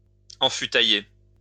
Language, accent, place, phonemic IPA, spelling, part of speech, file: French, France, Lyon, /ɑ̃.fy.ta.je/, enfutailler, verb, LL-Q150 (fra)-enfutailler.wav
- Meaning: to cask